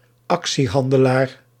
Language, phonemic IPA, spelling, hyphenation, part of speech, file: Dutch, /ˈɑk.siˌɦɑn.də.laːr/, actiehandelaar, ac‧tie‧han‧de‧laar, noun, Nl-actiehandelaar.ogg
- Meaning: stockbroker